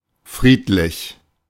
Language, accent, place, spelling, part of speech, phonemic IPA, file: German, Germany, Berlin, friedlich, adjective, /ˈfʁiːtlɪç/, De-friedlich.ogg
- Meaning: peaceful, placid, tranquil